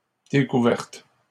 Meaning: feminine plural of découvert
- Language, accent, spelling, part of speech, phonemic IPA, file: French, Canada, découvertes, verb, /de.ku.vɛʁt/, LL-Q150 (fra)-découvertes.wav